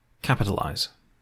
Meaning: In writing or editing, to write (something: either an entire word or text, or just the initial letter(s) thereof) in capital letters, in upper case
- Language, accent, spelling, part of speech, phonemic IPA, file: English, UK, capitalize, verb, /ˈkæpətəˌlaɪz/, En-GB-capitalize.ogg